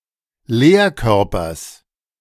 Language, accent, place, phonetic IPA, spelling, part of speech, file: German, Germany, Berlin, [ˈleːɐ̯ˌkœʁpɐs], Lehrkörpers, noun, De-Lehrkörpers.ogg
- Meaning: genitive singular of Lehrkörper